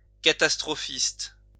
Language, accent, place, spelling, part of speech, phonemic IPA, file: French, France, Lyon, catastrophiste, noun, /ka.tas.tʁɔ.fist/, LL-Q150 (fra)-catastrophiste.wav
- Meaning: catastrophist